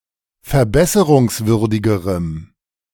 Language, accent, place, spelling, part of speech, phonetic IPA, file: German, Germany, Berlin, verbesserungswürdigerem, adjective, [fɛɐ̯ˈbɛsəʁʊŋsˌvʏʁdɪɡəʁəm], De-verbesserungswürdigerem.ogg
- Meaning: strong dative masculine/neuter singular comparative degree of verbesserungswürdig